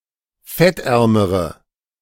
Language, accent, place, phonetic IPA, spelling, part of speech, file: German, Germany, Berlin, [ˈfɛtˌʔɛʁməʁə], fettärmere, adjective, De-fettärmere.ogg
- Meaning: inflection of fettarm: 1. strong/mixed nominative/accusative feminine singular comparative degree 2. strong nominative/accusative plural comparative degree